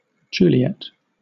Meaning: 1. A female given name from Latin 2. One of the title characters of Shakespeare's play Romeo and Juliet 3. A woman who is or is with a great lover
- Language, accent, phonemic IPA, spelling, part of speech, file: English, Southern England, /ˈd͡ʒuːlɪɛt/, Juliet, proper noun, LL-Q1860 (eng)-Juliet.wav